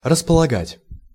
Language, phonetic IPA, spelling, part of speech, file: Russian, [rəspəɫɐˈɡatʲ], располагать, verb, Ru-располагать.ogg
- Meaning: 1. to dispose, to have available 2. to place, to dispose, to arrange, to set 3. to gain, to win over 4. to dispose, to be favourable, to be conducive